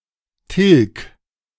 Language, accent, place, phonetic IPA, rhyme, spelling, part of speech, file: German, Germany, Berlin, [tɪlk], -ɪlk, tilg, verb, De-tilg.ogg
- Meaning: 1. singular imperative of tilgen 2. first-person singular present of tilgen